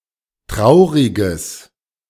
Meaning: strong/mixed nominative/accusative neuter singular of traurig
- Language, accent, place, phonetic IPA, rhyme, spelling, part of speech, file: German, Germany, Berlin, [ˈtʁaʊ̯ʁɪɡəs], -aʊ̯ʁɪɡəs, trauriges, adjective, De-trauriges.ogg